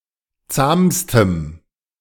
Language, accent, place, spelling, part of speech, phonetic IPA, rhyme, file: German, Germany, Berlin, zahmstem, adjective, [ˈt͡saːmstəm], -aːmstəm, De-zahmstem.ogg
- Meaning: strong dative masculine/neuter singular superlative degree of zahm